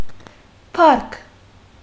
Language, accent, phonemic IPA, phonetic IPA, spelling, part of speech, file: Armenian, Western Armenian, /pɑɾk/, [pʰɑɾkʰ], փառք, noun, HyW-փառք.ogg
- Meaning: 1. fame, glory, renown 2. honor, esteem, reputation 3. pride 4. brilliance, greatness 5. respect, reverence, esteem 6. praise, honor